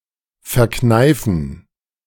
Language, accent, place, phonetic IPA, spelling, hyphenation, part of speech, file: German, Germany, Berlin, [fɛɐ̯ˈknaɪ̯fn̩], verkneifen, ver‧knei‧fen, verb, De-verkneifen.ogg
- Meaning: 1. to suppress, to stifle 2. to squeeze together